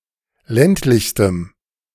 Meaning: strong dative masculine/neuter singular superlative degree of ländlich
- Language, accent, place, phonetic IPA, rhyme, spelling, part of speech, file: German, Germany, Berlin, [ˈlɛntlɪçstəm], -ɛntlɪçstəm, ländlichstem, adjective, De-ländlichstem.ogg